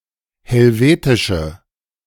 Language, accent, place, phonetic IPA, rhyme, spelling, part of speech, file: German, Germany, Berlin, [hɛlˈveːtɪʃə], -eːtɪʃə, helvetische, adjective, De-helvetische.ogg
- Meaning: inflection of helvetisch: 1. strong/mixed nominative/accusative feminine singular 2. strong nominative/accusative plural 3. weak nominative all-gender singular